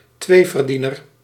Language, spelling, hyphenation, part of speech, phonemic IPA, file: Dutch, tweeverdiener, twee‧ver‧die‧ner, noun, /ˈtʋeː.vərˌdi.nər/, Nl-tweeverdiener.ogg
- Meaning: a dual earner